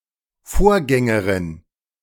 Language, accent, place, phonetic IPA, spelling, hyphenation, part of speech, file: German, Germany, Berlin, [ˈfoːɐ̯ˌɡɛŋəʁɪn], Vorgängerin, Vor‧gän‧ge‧rin, noun, De-Vorgängerin.ogg
- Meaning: female equivalent of Vorgänger (“predecessor”)